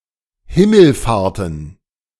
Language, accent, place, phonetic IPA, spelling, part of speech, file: German, Germany, Berlin, [ˈhɪml̩ˌfaːʁtn̩], Himmelfahrten, noun, De-Himmelfahrten.ogg
- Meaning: plural of Himmelfahrt